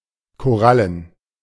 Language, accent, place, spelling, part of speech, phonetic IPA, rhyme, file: German, Germany, Berlin, korallen, adjective, [koˈʁalən], -alən, De-korallen.ogg
- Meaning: coral